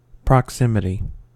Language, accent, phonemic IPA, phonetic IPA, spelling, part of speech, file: English, US, /pɹɑkˈsɪm.ɪ.ti/, [pɹɑkˈsɪm.ɪ.ɾi], proximity, noun, En-us-proximity.ogg
- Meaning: Closeness; the state of being near in space, time, or relationship